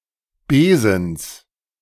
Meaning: genitive singular of Besen
- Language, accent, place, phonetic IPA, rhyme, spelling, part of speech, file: German, Germany, Berlin, [ˈbeːzn̩s], -eːzn̩s, Besens, noun, De-Besens.ogg